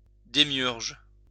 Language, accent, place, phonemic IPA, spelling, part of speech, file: French, France, Lyon, /de.mjyʁʒ/, démiurge, noun, LL-Q150 (fra)-démiurge.wav
- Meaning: demiurge